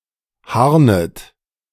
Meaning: second-person plural subjunctive I of harnen
- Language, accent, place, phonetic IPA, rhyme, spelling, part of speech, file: German, Germany, Berlin, [ˈhaʁnət], -aʁnət, harnet, verb, De-harnet.ogg